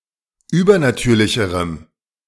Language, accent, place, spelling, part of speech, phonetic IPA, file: German, Germany, Berlin, übernatürlicherem, adjective, [ˈyːbɐnaˌtyːɐ̯lɪçəʁəm], De-übernatürlicherem.ogg
- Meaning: strong dative masculine/neuter singular comparative degree of übernatürlich